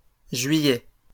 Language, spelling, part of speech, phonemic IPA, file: French, juillets, noun, /ʒɥi.jɛ/, LL-Q150 (fra)-juillets.wav
- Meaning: plural of juillet